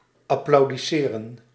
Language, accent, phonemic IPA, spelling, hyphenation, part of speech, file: Dutch, Netherlands, /ɑplɑu̯diˈseːrə(n)/, applaudisseren, ap‧plau‧dis‧se‧ren, verb, Nl-applaudisseren.ogg
- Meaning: to applaud